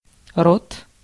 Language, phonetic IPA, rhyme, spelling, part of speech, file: Russian, [rot], -ot, рот, noun, Ru-рот.ogg
- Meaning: 1. mouth 2. genitive plural of ро́та (róta)